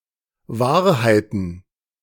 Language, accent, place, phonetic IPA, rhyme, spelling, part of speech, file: German, Germany, Berlin, [ˈvaːɐ̯haɪ̯tn̩], -aːɐ̯haɪ̯tn̩, Wahrheiten, noun, De-Wahrheiten.ogg
- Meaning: plural of Wahrheit